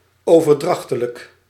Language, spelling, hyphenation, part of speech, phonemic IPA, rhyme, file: Dutch, overdrachtelijk, over‧drach‧te‧lijk, adjective, /ˌoː.vərˈdrɑx.tə.lək/, -ɑxtələk, Nl-overdrachtelijk.ogg
- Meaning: 1. figurative, metaphorical 2. transitive